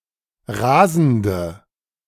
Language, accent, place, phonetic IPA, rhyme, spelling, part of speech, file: German, Germany, Berlin, [ˈʁaːzn̩də], -aːzn̩də, rasende, adjective, De-rasende.ogg
- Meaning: inflection of rasend: 1. strong/mixed nominative/accusative feminine singular 2. strong nominative/accusative plural 3. weak nominative all-gender singular 4. weak accusative feminine/neuter singular